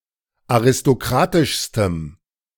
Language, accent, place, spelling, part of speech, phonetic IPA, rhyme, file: German, Germany, Berlin, aristokratischstem, adjective, [aʁɪstoˈkʁaːtɪʃstəm], -aːtɪʃstəm, De-aristokratischstem.ogg
- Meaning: strong dative masculine/neuter singular superlative degree of aristokratisch